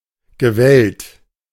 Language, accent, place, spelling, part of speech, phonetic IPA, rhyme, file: German, Germany, Berlin, gewellt, verb, [ɡəˈvɛlt], -ɛlt, De-gewellt.ogg
- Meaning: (verb) past participle of wellen; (adjective) 1. corrugated 2. wavy, curly 3. undulating